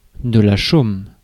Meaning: 1. stubble (in fields) 2. thatch (for roof)
- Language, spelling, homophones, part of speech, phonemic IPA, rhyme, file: French, chaume, chôme / chômes / chôment, noun, /ʃom/, -om, Fr-chaume.ogg